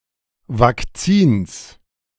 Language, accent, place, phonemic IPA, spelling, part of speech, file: German, Germany, Berlin, /vak.ˈt͡siːns/, Vakzins, noun, De-Vakzins.ogg
- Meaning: genitive neuter singular of Vakzin